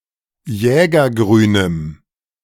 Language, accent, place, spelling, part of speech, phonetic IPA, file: German, Germany, Berlin, jägergrünem, adjective, [ˈjɛːɡɐˌɡʁyːnəm], De-jägergrünem.ogg
- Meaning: strong dative masculine/neuter singular of jägergrün